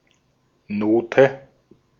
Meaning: 1. note (character indicating the length and pitch of a tone) 2. note 3. grade, mark
- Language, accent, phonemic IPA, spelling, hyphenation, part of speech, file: German, Austria, /ˈnoːtɛ/, Note, No‧te, noun, De-at-Note.ogg